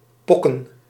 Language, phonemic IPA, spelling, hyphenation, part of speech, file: Dutch, /ˈpɔ.kə(n)/, pokken, pok‧ken, noun, Nl-pokken.ogg
- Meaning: 1. smallpox 2. plural of pok